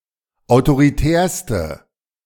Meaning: inflection of autoritär: 1. strong/mixed nominative/accusative feminine singular superlative degree 2. strong nominative/accusative plural superlative degree
- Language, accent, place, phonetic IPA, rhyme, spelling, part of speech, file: German, Germany, Berlin, [aʊ̯toʁiˈtɛːɐ̯stə], -ɛːɐ̯stə, autoritärste, adjective, De-autoritärste.ogg